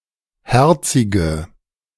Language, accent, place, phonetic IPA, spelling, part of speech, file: German, Germany, Berlin, [ˈhɛʁt͡sɪɡə], herzige, adjective, De-herzige.ogg
- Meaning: inflection of herzig: 1. strong/mixed nominative/accusative feminine singular 2. strong nominative/accusative plural 3. weak nominative all-gender singular 4. weak accusative feminine/neuter singular